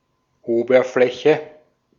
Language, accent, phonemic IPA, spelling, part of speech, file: German, Austria, /ˈoːbərˌflɛçə/, Oberfläche, noun, De-at-Oberfläche.ogg
- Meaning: surface